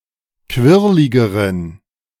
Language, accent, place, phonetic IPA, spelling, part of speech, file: German, Germany, Berlin, [ˈkvɪʁlɪɡəʁən], quirligeren, adjective, De-quirligeren.ogg
- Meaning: inflection of quirlig: 1. strong genitive masculine/neuter singular comparative degree 2. weak/mixed genitive/dative all-gender singular comparative degree